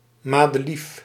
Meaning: common daisy (Bellis perennis)
- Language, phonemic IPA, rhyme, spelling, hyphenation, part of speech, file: Dutch, /ˌmaː.dəˈlif/, -if, madelief, ma‧de‧lief, noun, Nl-madelief.ogg